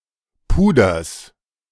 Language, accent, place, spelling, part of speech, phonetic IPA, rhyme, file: German, Germany, Berlin, Puders, noun, [ˈpuːdɐs], -uːdɐs, De-Puders.ogg
- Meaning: genitive singular of Puder